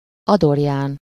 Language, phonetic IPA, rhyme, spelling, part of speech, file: Hungarian, [ˈɒdorjaːn], -aːn, Adorján, proper noun, Hu-Adorján.ogg
- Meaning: a male given name from Latin, equivalent to English Adrian